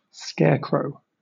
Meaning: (noun) An effigy, typically made of straw and dressed in old clothes, fixed to a pole in a field to deter birds from eating crops or seeds planted there
- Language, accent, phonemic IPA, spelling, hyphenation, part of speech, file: English, Southern England, /ˈskɛəkɹəʊ/, scarecrow, scare‧crow, noun / verb, LL-Q1860 (eng)-scarecrow.wav